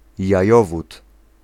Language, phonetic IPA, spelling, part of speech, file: Polish, [jäˈjɔvut], jajowód, noun, Pl-jajowód.ogg